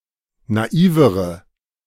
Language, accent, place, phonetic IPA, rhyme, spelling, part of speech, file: German, Germany, Berlin, [naˈiːvəʁə], -iːvəʁə, naivere, adjective, De-naivere.ogg
- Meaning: inflection of naiv: 1. strong/mixed nominative/accusative feminine singular comparative degree 2. strong nominative/accusative plural comparative degree